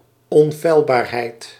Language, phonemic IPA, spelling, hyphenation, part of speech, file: Dutch, /ˌɔnˈfɛi̯l.baːr.ɦɛi̯t/, onfeilbaarheid, on‧feil‧baar‧heid, noun, Nl-onfeilbaarheid.ogg
- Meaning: infallibility